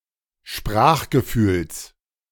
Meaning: genitive singular of Sprachgefühl
- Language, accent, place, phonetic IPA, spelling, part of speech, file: German, Germany, Berlin, [ˈʃpʁaːxɡəˌfyːls], Sprachgefühls, noun, De-Sprachgefühls.ogg